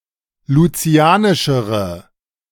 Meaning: inflection of lucianisch: 1. strong/mixed nominative/accusative feminine singular comparative degree 2. strong nominative/accusative plural comparative degree
- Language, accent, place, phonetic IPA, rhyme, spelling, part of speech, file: German, Germany, Berlin, [luˈt͡si̯aːnɪʃəʁə], -aːnɪʃəʁə, lucianischere, adjective, De-lucianischere.ogg